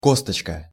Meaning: 1. diminutive of кость (kostʹ): (little) bone 2. kernel, stone, seed (stone of certain fruits, such as peaches or plums) 3. counting bead (abacus)
- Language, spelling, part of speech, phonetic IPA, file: Russian, косточка, noun, [ˈkostət͡ɕkə], Ru-косточка.ogg